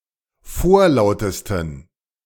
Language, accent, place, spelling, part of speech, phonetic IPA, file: German, Germany, Berlin, vorlautesten, adjective, [ˈfoːɐ̯ˌlaʊ̯təstn̩], De-vorlautesten.ogg
- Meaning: 1. superlative degree of vorlaut 2. inflection of vorlaut: strong genitive masculine/neuter singular superlative degree